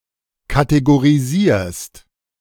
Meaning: second-person singular present of kategorisieren
- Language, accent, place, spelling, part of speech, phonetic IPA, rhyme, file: German, Germany, Berlin, kategorisierst, verb, [kateɡoʁiˈziːɐ̯st], -iːɐ̯st, De-kategorisierst.ogg